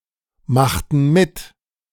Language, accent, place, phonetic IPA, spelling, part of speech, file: German, Germany, Berlin, [ˌmaxtn̩ ˈmɪt], machten mit, verb, De-machten mit.ogg
- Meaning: inflection of mitmachen: 1. first/third-person plural preterite 2. first/third-person plural subjunctive II